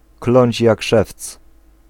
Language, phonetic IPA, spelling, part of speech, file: Polish, [ˈklɔ̃ɲt͡ɕ ˈjak ˈʃɛft͡s], kląć jak szewc, phrase, Pl-kląć jak szewc.ogg